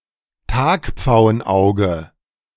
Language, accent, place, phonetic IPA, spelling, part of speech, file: German, Germany, Berlin, [ˈtaːkp͡faʊ̯ənˌʔaʊ̯ɡə], Tagpfauenauge, noun, De-Tagpfauenauge.ogg
- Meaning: European peacock (Inachis io)